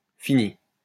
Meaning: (verb) past participle of finir; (noun) aspect or texture of what has been completed; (adjective) 1. completed, done 2. finished, over (which has come to an end) 3. limited, finite (which has an end)
- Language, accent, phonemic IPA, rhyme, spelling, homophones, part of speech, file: French, France, /fi.ni/, -i, fini, finie / finies / finis / finit / finît, verb / noun / adjective, LL-Q150 (fra)-fini.wav